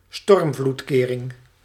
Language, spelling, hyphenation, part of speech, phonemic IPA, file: Dutch, stormvloedkering, storm‧vloed‧ke‧ring, noun, /ˈstɔrm.vlutˌkeː.rɪŋ/, Nl-stormvloedkering.ogg
- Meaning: a storm surge barrier